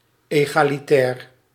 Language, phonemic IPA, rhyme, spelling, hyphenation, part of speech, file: Dutch, /ˌeː.ɣaː.liˈtɛːr/, -ɛːr, egalitair, ega‧li‧tair, adjective, Nl-egalitair.ogg
- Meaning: egalitarian, equal